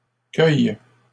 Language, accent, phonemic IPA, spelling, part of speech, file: French, Canada, /kœj/, cueilles, verb, LL-Q150 (fra)-cueilles.wav
- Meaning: second-person singular present indicative/subjunctive of cueillir